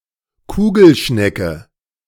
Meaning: A sea hare of the genus Akera
- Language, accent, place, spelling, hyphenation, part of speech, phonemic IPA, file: German, Germany, Berlin, Kugelschnecke, Ku‧gel‧schne‧cke, noun, /ˈkuːɡəlˌʃnɛkə/, De-Kugelschnecke.ogg